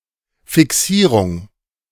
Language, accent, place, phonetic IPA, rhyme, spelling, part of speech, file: German, Germany, Berlin, [fɪˈksiːʁʊŋ], -iːʁʊŋ, Fixierung, noun, De-Fixierung.ogg
- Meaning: fixing, fixation